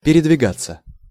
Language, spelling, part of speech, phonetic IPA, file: Russian, передвигаться, verb, [pʲɪrʲɪdvʲɪˈɡat͡sːə], Ru-передвигаться.ogg
- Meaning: 1. to move, to shift 2. to move, to walk 3. to travel 4. passive of передвига́ть (peredvigátʹ)